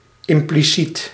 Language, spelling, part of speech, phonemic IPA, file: Dutch, impliciet, adjective, /ɪmpliˈsit/, Nl-impliciet.ogg
- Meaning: implicit